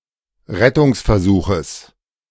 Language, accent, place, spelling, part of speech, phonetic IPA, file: German, Germany, Berlin, Rettungsversuches, noun, [ˈʁɛtʊŋsfɛɐ̯ˌzuːxəs], De-Rettungsversuches.ogg
- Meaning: genitive singular of Rettungsversuch